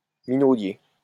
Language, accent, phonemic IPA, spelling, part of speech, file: French, France, /mi.no.dje/, minaudier, adjective, LL-Q150 (fra)-minaudier.wav
- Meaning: coquettish; affected